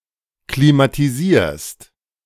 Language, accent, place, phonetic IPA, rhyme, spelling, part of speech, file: German, Germany, Berlin, [klimatiˈziːɐ̯st], -iːɐ̯st, klimatisierst, verb, De-klimatisierst.ogg
- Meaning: second-person singular present of klimatisieren